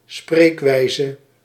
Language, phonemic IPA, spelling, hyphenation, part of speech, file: Dutch, /ˈsprekwɛizə/, spreekwijze, spreek‧wij‧ze, noun, Nl-spreekwijze.ogg
- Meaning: expression (colloquialism or idiom)